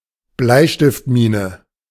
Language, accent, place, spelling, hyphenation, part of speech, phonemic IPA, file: German, Germany, Berlin, Bleistiftmine, Blei‧stift‧mi‧ne, noun, /ˈblaɪ̯ʃtɪftˌmiːnə/, De-Bleistiftmine.ogg
- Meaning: pencil lead